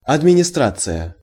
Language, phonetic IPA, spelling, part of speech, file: Russian, [ɐdmʲɪnʲɪˈstrat͡sɨjə], администрация, noun, Ru-администрация.ogg
- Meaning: administration, management